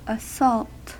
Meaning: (noun) 1. A violent onset or attack with physical means, for example blows, weapons, etc 2. A violent verbal attack, for example with insults, criticism, and the like
- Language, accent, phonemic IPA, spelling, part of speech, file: English, US, /əˈsɔlt/, assault, noun / verb, En-us-assault.ogg